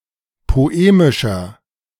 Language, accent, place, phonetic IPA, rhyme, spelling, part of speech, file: German, Germany, Berlin, [poˈeːmɪʃɐ], -eːmɪʃɐ, poemischer, adjective, De-poemischer.ogg
- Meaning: 1. comparative degree of poemisch 2. inflection of poemisch: strong/mixed nominative masculine singular 3. inflection of poemisch: strong genitive/dative feminine singular